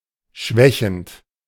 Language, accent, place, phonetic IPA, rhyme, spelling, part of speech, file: German, Germany, Berlin, [ˈʃvɛçn̩t], -ɛçn̩t, schwächend, verb, De-schwächend.ogg
- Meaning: present participle of schwächen